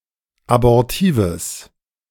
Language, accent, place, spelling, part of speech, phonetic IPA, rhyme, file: German, Germany, Berlin, abortives, adjective, [abɔʁˈtiːvəs], -iːvəs, De-abortives.ogg
- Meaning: strong/mixed nominative/accusative neuter singular of abortiv